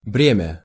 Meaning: burden, charge, load
- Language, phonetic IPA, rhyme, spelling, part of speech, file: Russian, [ˈbrʲemʲə], -emʲə, бремя, noun, Ru-бремя.ogg